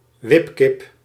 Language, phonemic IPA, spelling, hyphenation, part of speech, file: Dutch, /ˈʋɪp.kɪp/, wipkip, wip‧kip, noun, Nl-wipkip.ogg
- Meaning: spring rider, spring rocker (playing device)